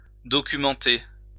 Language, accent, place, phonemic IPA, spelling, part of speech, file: French, France, Lyon, /dɔ.ky.mɑ̃.te/, documenter, verb, LL-Q150 (fra)-documenter.wav
- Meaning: to document (to record in documents)